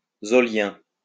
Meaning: Zolian
- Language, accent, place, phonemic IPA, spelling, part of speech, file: French, France, Lyon, /zo.ljɛ̃/, zolien, adjective, LL-Q150 (fra)-zolien.wav